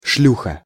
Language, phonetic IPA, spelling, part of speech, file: Russian, [ˈʂlʲuxə], шлюха, noun, Ru-шлюха.ogg
- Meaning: slut, whore, trollop, strumpet, streetwalker